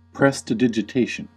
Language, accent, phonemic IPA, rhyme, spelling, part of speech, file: English, US, /ˌpɹɛstəˌdɪd͡ʒɪˈteɪʃən/, -eɪʃən, prestidigitation, noun, En-us-prestidigitation.ogg
- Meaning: 1. A performance of or skill in performing magic or conjuring tricks with the hands 2. A show of skill or deceitful cleverness